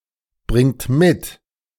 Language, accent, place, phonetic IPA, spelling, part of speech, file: German, Germany, Berlin, [ˌbʁɪŋt ˈmɪt], bringt mit, verb, De-bringt mit.ogg
- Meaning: inflection of mitbringen: 1. third-person singular present 2. second-person plural present 3. plural imperative